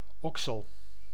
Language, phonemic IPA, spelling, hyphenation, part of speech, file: Dutch, /ˈɔksəl/, oksel, ok‧sel, noun, Nl-oksel.ogg
- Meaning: 1. armpit 2. angle between two parts of a plant